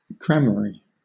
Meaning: 1. Grammar; learning 2. Mystical learning; the occult, magic, sorcery
- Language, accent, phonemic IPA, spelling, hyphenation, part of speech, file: English, Southern England, /ˈɡɹæməɹi/, gramarye, gra‧ma‧rye, noun, LL-Q1860 (eng)-gramarye.wav